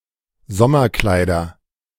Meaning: nominative/accusative/genitive plural of Sommerkleid
- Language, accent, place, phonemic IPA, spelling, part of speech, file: German, Germany, Berlin, /ˈzɔmɐˌklaɪ̯dɐ/, Sommerkleider, noun, De-Sommerkleider.ogg